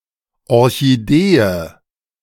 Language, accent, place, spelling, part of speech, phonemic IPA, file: German, Germany, Berlin, Orchidee, noun, /ˌɔr.çiˈdeː(.ə)/, De-Orchidee.ogg
- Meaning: orchid